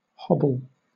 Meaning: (noun) 1. One of the short straps tied between the legs of unfenced horses, allowing them to wander short distances but preventing them from running off 2. An unsteady, off-balance step
- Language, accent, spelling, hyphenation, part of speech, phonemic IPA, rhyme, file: English, Southern England, hobble, hob‧ble, noun / verb, /ˈhɒbəl/, -ɒbəl, LL-Q1860 (eng)-hobble.wav